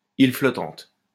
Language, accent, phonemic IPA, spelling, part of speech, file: French, France, /il flɔ.tɑ̃t/, île flottante, noun, LL-Q150 (fra)-île flottante.wav
- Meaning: floating island (dessert with beaten egg white)